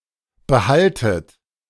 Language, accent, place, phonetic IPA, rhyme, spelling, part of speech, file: German, Germany, Berlin, [bəˈhaltət], -altət, behaltet, verb, De-behaltet.ogg
- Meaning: inflection of behalten: 1. second-person plural present 2. second-person plural subjunctive I 3. plural imperative